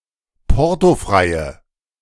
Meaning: inflection of portofrei: 1. strong/mixed nominative/accusative feminine singular 2. strong nominative/accusative plural 3. weak nominative all-gender singular
- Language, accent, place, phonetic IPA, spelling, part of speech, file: German, Germany, Berlin, [ˈpɔʁtoˌfʁaɪ̯ə], portofreie, adjective, De-portofreie.ogg